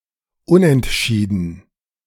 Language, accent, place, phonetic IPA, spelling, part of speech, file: German, Germany, Berlin, [ˈʊnʔɛntˌʃiːdn̩], unentschieden, adjective, De-unentschieden.ogg
- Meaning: 1. undecided, undetermined 2. tied (sport)